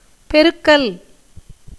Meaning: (noun) 1. multiplication 2. sweeping 3. improving, making prosperous; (verb) A gerund of பெருக்கு (perukku)
- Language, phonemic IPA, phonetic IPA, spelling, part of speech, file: Tamil, /pɛɾʊkːɐl/, [pe̞ɾʊkːɐl], பெருக்கல், noun / verb, Ta-பெருக்கல்.ogg